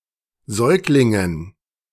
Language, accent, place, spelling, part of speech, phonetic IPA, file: German, Germany, Berlin, Säuglingen, noun, [ˈzɔɪ̯klɪŋən], De-Säuglingen.ogg
- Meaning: dative plural of Säugling